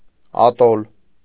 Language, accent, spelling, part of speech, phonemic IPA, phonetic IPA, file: Armenian, Eastern Armenian, ատոլ, noun, /ɑˈtol/, [ɑtól], Hy-ատոլ.ogg
- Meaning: atoll (type of an island)